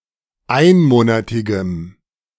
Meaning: strong dative masculine/neuter singular of einmonatig
- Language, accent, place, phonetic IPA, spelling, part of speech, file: German, Germany, Berlin, [ˈaɪ̯nˌmoːnatɪɡəm], einmonatigem, adjective, De-einmonatigem.ogg